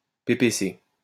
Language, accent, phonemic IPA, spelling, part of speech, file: French, France, /pe.pe.se/, PPC, proper noun, LL-Q150 (fra)-PPC.wav
- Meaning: PPC (“People's Party of Canada”): initialism of Parti populaire du Canada